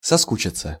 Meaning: 1. to become bored, to start feeling boredom 2. to miss, to start missing someone or something
- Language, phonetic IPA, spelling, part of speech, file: Russian, [sɐˈskut͡ɕɪt͡sə], соскучиться, verb, Ru-соскучиться.ogg